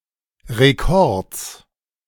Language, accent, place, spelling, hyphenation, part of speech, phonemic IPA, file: German, Germany, Berlin, Rekords, Re‧kords, noun, /ʁeˈkɔʁts/, De-Rekords.ogg
- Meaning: genitive singular of Rekord